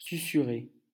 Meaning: to whisper (talk quietly)
- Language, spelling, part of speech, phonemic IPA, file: French, susurrer, verb, /sy.sy.ʁe/, LL-Q150 (fra)-susurrer.wav